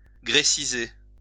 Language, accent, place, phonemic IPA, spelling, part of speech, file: French, France, Lyon, /ɡʁe.si.ze/, gréciser, verb, LL-Q150 (fra)-gréciser.wav
- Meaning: 1. to Grecize (render Grecian) 2. to Grecize (translate into Greek)